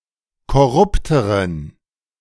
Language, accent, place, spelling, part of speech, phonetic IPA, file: German, Germany, Berlin, korrupteren, adjective, [kɔˈʁʊptəʁən], De-korrupteren.ogg
- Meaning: inflection of korrupt: 1. strong genitive masculine/neuter singular comparative degree 2. weak/mixed genitive/dative all-gender singular comparative degree